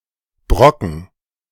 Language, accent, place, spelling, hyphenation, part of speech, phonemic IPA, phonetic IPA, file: German, Germany, Berlin, brocken, bro‧cken, verb, /ˈbʁɔkən/, [ˈbʁɔkn̩], De-brocken.ogg
- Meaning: 1. to break (into pieces) 2. to pick (e.g. fruit)